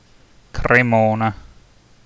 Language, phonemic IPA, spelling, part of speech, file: Italian, /kreˈmona/, Cremona, proper noun, It-Cremona.ogg